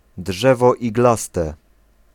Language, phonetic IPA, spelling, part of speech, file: Polish, [ˈḍʒɛvɔ iɡˈlastɛ], drzewo iglaste, noun, Pl-drzewo iglaste.ogg